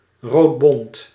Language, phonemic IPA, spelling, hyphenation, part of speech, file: Dutch, /ˈroːt.bɔnt/, roodbont, rood‧bont, adjective, Nl-roodbont.ogg
- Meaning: red-pied, red and white